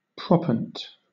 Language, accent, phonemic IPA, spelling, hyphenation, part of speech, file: English, Southern England, /ˈpɹɒpənt/, proppant, prop‧pant, noun, LL-Q1860 (eng)-proppant.wav
- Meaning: Sand or similar particulate material suspended in water or other fluid and used in hydraulic fracturing (fracking) to keep fissures open